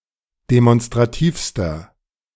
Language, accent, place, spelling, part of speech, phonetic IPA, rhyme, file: German, Germany, Berlin, demonstrativster, adjective, [demɔnstʁaˈtiːfstɐ], -iːfstɐ, De-demonstrativster.ogg
- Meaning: inflection of demonstrativ: 1. strong/mixed nominative masculine singular superlative degree 2. strong genitive/dative feminine singular superlative degree 3. strong genitive plural superlative degree